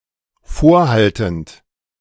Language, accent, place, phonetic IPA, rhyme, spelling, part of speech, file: German, Germany, Berlin, [ˈfoːɐ̯ˌhaltn̩t], -oːɐ̯haltn̩t, vorhaltend, verb, De-vorhaltend.ogg
- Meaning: present participle of vorhalten